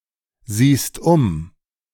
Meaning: second-person singular present of umsehen
- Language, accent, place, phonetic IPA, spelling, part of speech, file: German, Germany, Berlin, [ˌziːst ˈʊm], siehst um, verb, De-siehst um.ogg